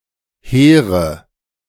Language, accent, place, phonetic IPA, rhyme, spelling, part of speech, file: German, Germany, Berlin, [ˈheːʁə], -eːʁə, hehre, adjective, De-hehre.ogg
- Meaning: inflection of hehr: 1. strong/mixed nominative/accusative feminine singular 2. strong nominative/accusative plural 3. weak nominative all-gender singular 4. weak accusative feminine/neuter singular